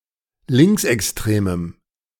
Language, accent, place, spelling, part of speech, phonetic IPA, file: German, Germany, Berlin, linksextremem, adjective, [ˈlɪŋksʔɛksˌtʁeːməm], De-linksextremem.ogg
- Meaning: strong dative masculine/neuter singular of linksextrem